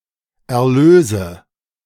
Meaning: nominative/accusative/genitive plural of Erlös
- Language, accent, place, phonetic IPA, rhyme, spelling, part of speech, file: German, Germany, Berlin, [ɛɐ̯ˈløːzə], -øːzə, Erlöse, noun, De-Erlöse.ogg